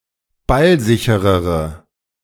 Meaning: inflection of ballsicher: 1. strong/mixed nominative/accusative feminine singular comparative degree 2. strong nominative/accusative plural comparative degree
- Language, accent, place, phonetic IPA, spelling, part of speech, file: German, Germany, Berlin, [ˈbalˌzɪçəʁəʁə], ballsicherere, adjective, De-ballsicherere.ogg